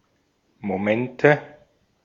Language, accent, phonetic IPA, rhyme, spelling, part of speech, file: German, Austria, [moˈmɛntə], -ɛntə, Momente, noun, De-at-Momente.ogg
- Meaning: nominative/accusative/genitive plural of Moment